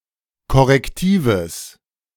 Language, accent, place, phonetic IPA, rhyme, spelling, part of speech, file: German, Germany, Berlin, [kɔʁɛkˈtiːvəs], -iːvəs, korrektives, adjective, De-korrektives.ogg
- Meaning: strong/mixed nominative/accusative neuter singular of korrektiv